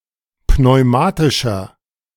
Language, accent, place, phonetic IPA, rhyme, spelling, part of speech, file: German, Germany, Berlin, [pnɔɪ̯ˈmaːtɪʃɐ], -aːtɪʃɐ, pneumatischer, adjective, De-pneumatischer.ogg
- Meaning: inflection of pneumatisch: 1. strong/mixed nominative masculine singular 2. strong genitive/dative feminine singular 3. strong genitive plural